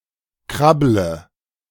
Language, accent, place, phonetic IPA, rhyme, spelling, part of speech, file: German, Germany, Berlin, [ˈkʁablə], -ablə, krabble, verb, De-krabble.ogg
- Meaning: inflection of krabbeln: 1. first-person singular present 2. singular imperative 3. first/third-person singular subjunctive I